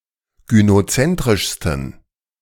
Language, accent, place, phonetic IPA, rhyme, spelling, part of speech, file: German, Germany, Berlin, [ɡynoˈt͡sɛntʁɪʃstn̩], -ɛntʁɪʃstn̩, gynozentrischsten, adjective, De-gynozentrischsten.ogg
- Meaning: 1. superlative degree of gynozentrisch 2. inflection of gynozentrisch: strong genitive masculine/neuter singular superlative degree